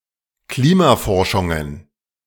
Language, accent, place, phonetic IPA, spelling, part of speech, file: German, Germany, Berlin, [ˈkliːmaˌfɔʁʃʊŋən], Klimaforschungen, noun, De-Klimaforschungen.ogg
- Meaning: plural of Klimaforschung